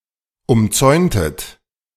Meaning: inflection of umzäunen: 1. second-person plural preterite 2. second-person plural subjunctive II
- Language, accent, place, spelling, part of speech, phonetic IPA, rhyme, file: German, Germany, Berlin, umzäuntet, verb, [ʊmˈt͡sɔɪ̯ntət], -ɔɪ̯ntət, De-umzäuntet.ogg